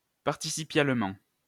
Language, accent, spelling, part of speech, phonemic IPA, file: French, France, participialement, adverb, /paʁ.ti.si.pjal.mɑ̃/, LL-Q150 (fra)-participialement.wav
- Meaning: participially